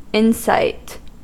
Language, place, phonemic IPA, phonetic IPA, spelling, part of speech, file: English, California, /ˈɪnsaɪ̯t/, [ˈɪnsɐɪ̯t], insight, noun, En-us-insight.ogg
- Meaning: 1. A sight or view of the interior of anything; a deep inspection or view; introspection; frequently used with into 2. Power of acute observation and deduction